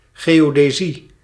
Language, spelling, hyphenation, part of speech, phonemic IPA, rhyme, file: Dutch, geodesie, geo‧de‧sie, noun, /ˌɣeː.oː.deːˈzi/, -i, Nl-geodesie.ogg
- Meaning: geodesy, geodetics